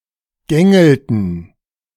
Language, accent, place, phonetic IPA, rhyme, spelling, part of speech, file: German, Germany, Berlin, [ˈɡɛŋl̩tə], -ɛŋl̩tə, gängelte, verb, De-gängelte.ogg
- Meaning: inflection of gängeln: 1. first/third-person singular preterite 2. first/third-person singular subjunctive II